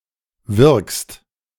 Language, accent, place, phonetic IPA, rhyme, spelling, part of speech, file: German, Germany, Berlin, [vɪʁkst], -ɪʁkst, wirkst, verb, De-wirkst.ogg
- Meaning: second-person singular present of wirken